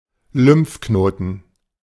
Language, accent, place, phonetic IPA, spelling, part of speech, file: German, Germany, Berlin, [ˈlʏmfˌknoːtn̩], Lymphknoten, noun, De-Lymphknoten.ogg
- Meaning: lymph node (filtrating oval bodies of the lymphatic system)